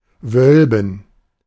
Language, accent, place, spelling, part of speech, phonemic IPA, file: German, Germany, Berlin, wölben, verb, /ˈvœlbən/, De-wölben.ogg
- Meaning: 1. to curve, bend 2. to curve; to bulge out, to arch 3. to vault (cover with a vault)